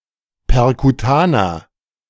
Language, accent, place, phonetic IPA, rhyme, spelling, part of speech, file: German, Germany, Berlin, [pɛʁkuˈtaːnɐ], -aːnɐ, perkutaner, adjective, De-perkutaner.ogg
- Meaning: inflection of perkutan: 1. strong/mixed nominative masculine singular 2. strong genitive/dative feminine singular 3. strong genitive plural